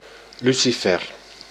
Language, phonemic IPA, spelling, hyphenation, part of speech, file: Dutch, /ˈly.siˌfɛr/, lucifer, lu‧ci‧fer, noun, Nl-lucifer.ogg
- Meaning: match (device to make fire)